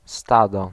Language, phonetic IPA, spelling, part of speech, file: Polish, [ˈstadɔ], stado, noun, Pl-stado.ogg